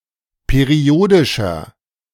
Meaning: inflection of periodisch: 1. strong/mixed nominative masculine singular 2. strong genitive/dative feminine singular 3. strong genitive plural
- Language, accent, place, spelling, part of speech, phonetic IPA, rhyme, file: German, Germany, Berlin, periodischer, adjective, [peˈʁi̯oːdɪʃɐ], -oːdɪʃɐ, De-periodischer.ogg